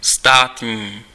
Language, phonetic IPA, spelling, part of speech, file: Czech, [ˈstaːtɲiː], státní, adjective, Cs-státní.ogg
- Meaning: state (relating to state)